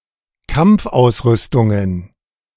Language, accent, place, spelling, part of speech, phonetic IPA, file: German, Germany, Berlin, Kampfausrüstungen, noun, [ˈkamp͡fˌʔaʊ̯sˌʁʏstʊŋən], De-Kampfausrüstungen.ogg
- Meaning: plural of Kampfausrüstung